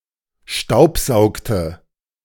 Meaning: inflection of staubsaugen: 1. first/third-person singular preterite 2. first/third-person singular subjunctive II
- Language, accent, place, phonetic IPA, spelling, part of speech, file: German, Germany, Berlin, [ˈʃtaʊ̯pˌzaʊ̯ktə], staubsaugte, verb, De-staubsaugte.ogg